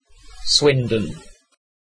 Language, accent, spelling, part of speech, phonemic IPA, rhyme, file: English, UK, Swindon, proper noun, /ˈswɪn.dən/, -ɪndən, En-uk-Swindon.ogg
- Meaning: A town, unitary authority, and borough in Wiltshire, England (OS grid ref SU1584)